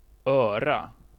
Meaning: 1. ear; the part of the body used to hear 2. ear; the handle of a cup, designed not to get warm when a hot liquid is poured in to the cup
- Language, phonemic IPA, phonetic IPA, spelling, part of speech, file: Swedish, /²øːra/, [²œ̞ːra], öra, noun, Sv-öra.ogg